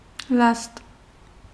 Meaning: raft, float
- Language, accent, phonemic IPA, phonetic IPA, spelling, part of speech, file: Armenian, Eastern Armenian, /lɑst/, [lɑst], լաստ, noun, Hy-լաստ.ogg